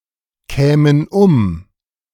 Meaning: first/third-person plural subjunctive II of umkommen
- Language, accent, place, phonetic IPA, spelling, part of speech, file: German, Germany, Berlin, [ˌkɛːmən ˈʊm], kämen um, verb, De-kämen um.ogg